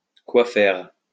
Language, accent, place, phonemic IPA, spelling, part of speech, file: French, France, Lyon, /kwa fɛʁ/, quoi faire, adverb, LL-Q150 (fra)-quoi faire.wav
- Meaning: why, how come, what for